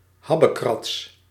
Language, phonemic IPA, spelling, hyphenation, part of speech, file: Dutch, /ˈɦɑbəˌkrɑts/, habbekrats, hab‧be‧krats, noun, Nl-habbekrats.ogg
- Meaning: trifle (something of very small importance or very low price)